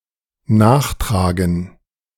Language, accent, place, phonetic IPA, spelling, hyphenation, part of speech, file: German, Germany, Berlin, [ˈnaːχˌtʁaːɡn̩], nachtragen, nach‧tra‧gen, verb, De-nachtragen.ogg
- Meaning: 1. to append, to supplement 2. to resent